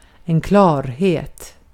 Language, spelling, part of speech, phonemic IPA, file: Swedish, klarhet, noun, /²klɑːrˌheːt/, Sv-klarhet.ogg
- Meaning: clarity